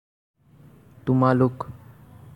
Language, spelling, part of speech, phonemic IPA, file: Assamese, তোমালোক, pronoun, /tʊ.mɑ.lʊk/, As-তোমালোক.ogg
- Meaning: you (plural, familiar)